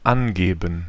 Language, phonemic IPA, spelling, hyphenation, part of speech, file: German, /ˈanˌɡeːbən/, angeben, an‧ge‧ben, verb, De-angeben.ogg
- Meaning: to indicate, specify: 1. to state, supply, give, report (data, e.g. one’s details in a form, an answer in a survey, a source for a quote) 2. to show, represent